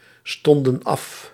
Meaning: inflection of afstaan: 1. plural past indicative 2. plural past subjunctive
- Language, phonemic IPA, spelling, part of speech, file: Dutch, /ˈstɔndə(n) ˈɑf/, stonden af, verb, Nl-stonden af.ogg